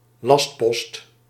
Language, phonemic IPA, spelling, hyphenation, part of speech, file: Dutch, /ˈlɑst.pɔst/, lastpost, last‧post, noun, Nl-lastpost.ogg
- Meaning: an annoying person, a nuisance, a pest